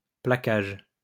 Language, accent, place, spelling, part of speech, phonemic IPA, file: French, France, Lyon, placage, noun, /pla.kaʒ/, LL-Q150 (fra)-placage.wav
- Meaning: 1. veneer (thin covering of fine wood) 2. tackle